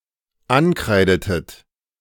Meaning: inflection of ankreiden: 1. second-person plural dependent preterite 2. second-person plural dependent subjunctive II
- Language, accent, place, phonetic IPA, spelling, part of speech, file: German, Germany, Berlin, [ˈanˌkʁaɪ̯dətət], ankreidetet, verb, De-ankreidetet.ogg